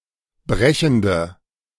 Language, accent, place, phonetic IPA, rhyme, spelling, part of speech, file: German, Germany, Berlin, [ˈbʁɛçn̩də], -ɛçn̩də, brechende, adjective, De-brechende.ogg
- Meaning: inflection of brechend: 1. strong/mixed nominative/accusative feminine singular 2. strong nominative/accusative plural 3. weak nominative all-gender singular